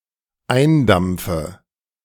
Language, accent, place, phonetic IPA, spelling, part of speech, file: German, Germany, Berlin, [ˈaɪ̯nˌdamp͡fə], eindampfe, verb, De-eindampfe.ogg
- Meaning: inflection of eindampfen: 1. first-person singular dependent present 2. first/third-person singular dependent subjunctive I